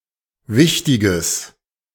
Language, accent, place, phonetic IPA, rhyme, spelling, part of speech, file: German, Germany, Berlin, [ˈvɪçtɪɡəs], -ɪçtɪɡəs, wichtiges, adjective, De-wichtiges.ogg
- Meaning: strong/mixed nominative/accusative neuter singular of wichtig